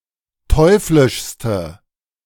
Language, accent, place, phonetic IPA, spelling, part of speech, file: German, Germany, Berlin, [ˈtɔɪ̯flɪʃstə], teuflischste, adjective, De-teuflischste.ogg
- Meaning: inflection of teuflisch: 1. strong/mixed nominative/accusative feminine singular superlative degree 2. strong nominative/accusative plural superlative degree